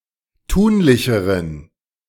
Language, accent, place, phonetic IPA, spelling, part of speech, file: German, Germany, Berlin, [ˈtuːnlɪçəʁən], tunlicheren, adjective, De-tunlicheren.ogg
- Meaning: inflection of tunlich: 1. strong genitive masculine/neuter singular comparative degree 2. weak/mixed genitive/dative all-gender singular comparative degree